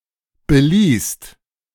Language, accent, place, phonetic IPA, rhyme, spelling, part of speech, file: German, Germany, Berlin, [bəˈliːst], -iːst, beließt, verb, De-beließt.ogg
- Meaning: second-person singular/plural preterite of belassen